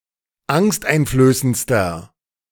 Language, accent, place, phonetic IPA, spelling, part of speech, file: German, Germany, Berlin, [ˈaŋstʔaɪ̯nfløːsənt͡stɐ], angsteinflößendster, adjective, De-angsteinflößendster.ogg
- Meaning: inflection of angsteinflößend: 1. strong/mixed nominative masculine singular superlative degree 2. strong genitive/dative feminine singular superlative degree